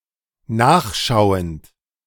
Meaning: present participle of nachschauen
- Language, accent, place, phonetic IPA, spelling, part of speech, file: German, Germany, Berlin, [ˈnaːxˌʃaʊ̯ənt], nachschauend, verb, De-nachschauend.ogg